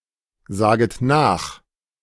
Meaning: second-person plural subjunctive I of nachsagen
- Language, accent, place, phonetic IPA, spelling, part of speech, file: German, Germany, Berlin, [ˌzaːɡət ˈnaːx], saget nach, verb, De-saget nach.ogg